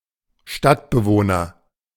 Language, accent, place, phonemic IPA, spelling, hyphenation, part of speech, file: German, Germany, Berlin, /ˈʃtatbəˌvoːnɐ/, Stadtbewohner, Stadt‧be‧woh‧ner, noun, De-Stadtbewohner.ogg
- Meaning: urbanite, townsperson (an inhabitant of a town, of unspecified sex or male);